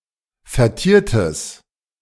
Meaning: strong/mixed nominative/accusative neuter singular of vertiert
- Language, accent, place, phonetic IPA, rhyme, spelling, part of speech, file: German, Germany, Berlin, [fɛɐ̯ˈtiːɐ̯təs], -iːɐ̯təs, vertiertes, adjective, De-vertiertes.ogg